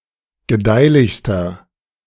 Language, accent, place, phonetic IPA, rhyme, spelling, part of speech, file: German, Germany, Berlin, [ɡəˈdaɪ̯lɪçstɐ], -aɪ̯lɪçstɐ, gedeihlichster, adjective, De-gedeihlichster.ogg
- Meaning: inflection of gedeihlich: 1. strong/mixed nominative masculine singular superlative degree 2. strong genitive/dative feminine singular superlative degree 3. strong genitive plural superlative degree